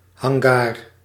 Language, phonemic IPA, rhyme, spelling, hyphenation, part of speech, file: Dutch, /ɦɑŋˈɡaːr/, -aːr, hangar, han‧gar, noun, Nl-hangar.ogg
- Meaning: hangar, a garage-like building for aircraft